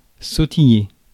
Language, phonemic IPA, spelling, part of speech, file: French, /so.ti.je/, sautiller, verb, Fr-sautiller.ogg
- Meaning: 1. to hop (make small jumps) 2. to skip; to bound